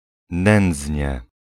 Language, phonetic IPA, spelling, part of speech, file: Polish, [ˈnɛ̃nd͡zʲɲɛ], nędznie, adverb, Pl-nędznie.ogg